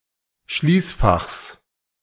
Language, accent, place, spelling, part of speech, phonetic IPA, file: German, Germany, Berlin, Schließfachs, noun, [ˈʃliːsˌfaxs], De-Schließfachs.ogg
- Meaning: genitive of Schließfach